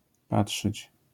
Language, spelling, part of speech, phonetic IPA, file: Polish, patrzyć, verb, [ˈpaṭʃɨt͡ɕ], LL-Q809 (pol)-patrzyć.wav